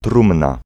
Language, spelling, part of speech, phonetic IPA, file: Polish, trumna, noun, [ˈtrũmna], Pl-trumna.ogg